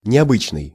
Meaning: unusual, uncommon
- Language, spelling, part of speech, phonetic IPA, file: Russian, необычный, adjective, [nʲɪɐˈbɨt͡ɕnɨj], Ru-необычный.ogg